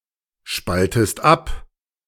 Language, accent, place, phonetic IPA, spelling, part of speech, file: German, Germany, Berlin, [ˌʃpaltəst ˈap], spaltest ab, verb, De-spaltest ab.ogg
- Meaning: inflection of abspalten: 1. second-person singular present 2. second-person singular subjunctive I